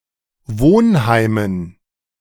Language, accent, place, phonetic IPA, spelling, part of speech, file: German, Germany, Berlin, [ˈvoːnˌhaɪ̯mən], Wohnheimen, noun, De-Wohnheimen.ogg
- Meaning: dative plural of Wohnheim